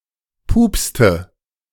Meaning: inflection of pupsen: 1. first/third-person singular preterite 2. first/third-person singular subjunctive II
- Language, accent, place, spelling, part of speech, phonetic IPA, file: German, Germany, Berlin, pupste, verb, [ˈpuːpstə], De-pupste.ogg